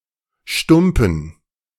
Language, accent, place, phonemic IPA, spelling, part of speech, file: German, Germany, Berlin, /ˈʃtʊmpən/, Stumpen, noun, De-Stumpen.ogg
- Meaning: 1. stump, stub 2. cigarette